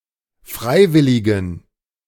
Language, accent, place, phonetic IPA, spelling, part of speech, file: German, Germany, Berlin, [ˈfʁaɪ̯ˌvɪlɪɡn̩], freiwilligen, adjective, De-freiwilligen.ogg
- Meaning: inflection of freiwillig: 1. strong genitive masculine/neuter singular 2. weak/mixed genitive/dative all-gender singular 3. strong/weak/mixed accusative masculine singular 4. strong dative plural